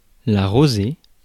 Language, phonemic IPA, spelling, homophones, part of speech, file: French, /ʁo.ze/, rosée, rosé, noun, Fr-rosée.ogg
- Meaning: dew (moisture in the air that settles on plants, etc)